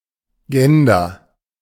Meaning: gender, especially as a social category
- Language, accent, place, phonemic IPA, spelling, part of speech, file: German, Germany, Berlin, /ˈd͡ʒɛndɐ/, Gender, noun, De-Gender.ogg